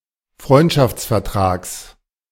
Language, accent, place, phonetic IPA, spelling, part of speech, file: German, Germany, Berlin, [ˈfʁɔɪ̯ntʃaft͡sfɛɐ̯ˌtʁaːks], Freundschaftsvertrags, noun, De-Freundschaftsvertrags.ogg
- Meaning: genitive of Freundschaftsvertrag